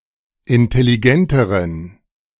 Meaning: inflection of intelligent: 1. strong genitive masculine/neuter singular comparative degree 2. weak/mixed genitive/dative all-gender singular comparative degree
- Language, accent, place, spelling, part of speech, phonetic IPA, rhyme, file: German, Germany, Berlin, intelligenteren, adjective, [ɪntɛliˈɡɛntəʁən], -ɛntəʁən, De-intelligenteren.ogg